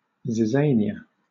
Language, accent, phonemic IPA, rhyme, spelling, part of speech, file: English, Southern England, /zɪˈzeɪniə/, -eɪniə, zizania, noun, LL-Q1860 (eng)-zizania.wav
- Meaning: Any of several aquatic North American grasses, of the genus Zizania, grown for their edible grain; wild rice